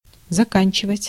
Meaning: to end, to finish, to conclude, to complete
- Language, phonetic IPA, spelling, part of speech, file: Russian, [zɐˈkanʲt͡ɕɪvətʲ], заканчивать, verb, Ru-заканчивать.ogg